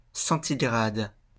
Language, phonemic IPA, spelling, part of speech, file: French, /sɑ̃.ti.ɡʁad/, centigrade, adjective, LL-Q150 (fra)-centigrade.wav
- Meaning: centigrade (all meanings)